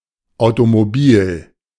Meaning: automobile
- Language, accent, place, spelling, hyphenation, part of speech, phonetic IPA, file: German, Germany, Berlin, automobil, au‧to‧mo‧bil, adjective, [aʊ̯tomoˈbiːl], De-automobil.ogg